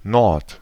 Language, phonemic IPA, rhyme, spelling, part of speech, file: German, /nɔʁt/, -ɔʁt, Nord, noun, De-Nord.ogg
- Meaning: 1. the north (used without article; a short form of Norden) 2. a wind coming from the north (used with article)